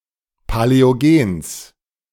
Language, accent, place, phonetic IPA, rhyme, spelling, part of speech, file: German, Germany, Berlin, [palɛoˈɡeːns], -eːns, Paläogens, noun, De-Paläogens.ogg
- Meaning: genitive singular of Paläogen